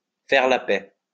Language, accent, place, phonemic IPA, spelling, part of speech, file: French, France, Lyon, /fɛʁ la pɛ/, faire la paix, verb, LL-Q150 (fra)-faire la paix.wav
- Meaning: to make peace